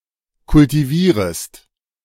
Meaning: second-person singular subjunctive I of kultivieren
- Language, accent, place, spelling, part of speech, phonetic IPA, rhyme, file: German, Germany, Berlin, kultivierest, verb, [kʊltiˈviːʁəst], -iːʁəst, De-kultivierest.ogg